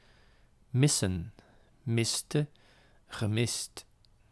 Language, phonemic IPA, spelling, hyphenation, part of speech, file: Dutch, /ˈmɪsə(n)/, missen, mis‧sen, verb / noun, Nl-missen.ogg
- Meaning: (verb) 1. to miss (not hit) 2. to miss, to go without 3. to spare, to afford (going without) 4. to miss someone 5. to be missing; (noun) 1. plural of mis 2. plural of miss